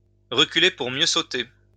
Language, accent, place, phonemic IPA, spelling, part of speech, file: French, France, Lyon, /ʁə.ky.le puʁ mjø so.te/, reculer pour mieux sauter, verb, LL-Q150 (fra)-reculer pour mieux sauter.wav
- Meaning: 1. to take a run-up so as to jump farther, to make a strategic retreat, to make a strategic withdrawal so as to come back stronger 2. to delay the inevitable, to put off the evil day